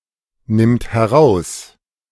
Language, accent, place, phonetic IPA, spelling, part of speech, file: German, Germany, Berlin, [ˌnɪmt hɛˈʁaʊ̯s], nimmt heraus, verb, De-nimmt heraus.ogg
- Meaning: third-person singular present of herausnehmen